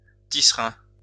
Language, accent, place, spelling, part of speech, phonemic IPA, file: French, France, Lyon, tisserin, noun, /ti.sʁɛ̃/, LL-Q150 (fra)-tisserin.wav
- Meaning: weaver (bird)